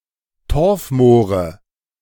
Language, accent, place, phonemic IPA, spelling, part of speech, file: German, Germany, Berlin, /ˈtɔʁfˌmoːʁə/, Torfmoore, noun, De-Torfmoore.ogg
- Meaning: nominative/accusative/genitive plural of Torfmoor